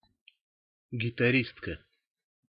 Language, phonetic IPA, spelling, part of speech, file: Russian, [ɡʲɪtɐˈrʲistkə], гитаристка, noun, Ru-гитаристка.ogg
- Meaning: female equivalent of гитари́ст (gitaríst): female guitarist (girl playing or performing on the guitar)